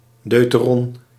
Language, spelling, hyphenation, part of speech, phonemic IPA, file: Dutch, deuteron, deu‧te‧ron, noun, /ˈdœy̯.tə.rɔn/, Nl-deuteron.ogg
- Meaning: deuteron, deuterium nucleus